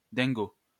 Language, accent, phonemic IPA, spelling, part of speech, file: French, France, /dɛ̃.ɡo/, Dingo, proper noun, LL-Q150 (fra)-Dingo.wav
- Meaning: Goofy (cartoon character)